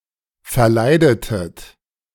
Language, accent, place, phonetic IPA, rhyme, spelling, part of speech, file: German, Germany, Berlin, [fɛɐ̯ˈlaɪ̯dətət], -aɪ̯dətət, verleidetet, verb, De-verleidetet.ogg
- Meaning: inflection of verleiden: 1. second-person plural preterite 2. second-person plural subjunctive II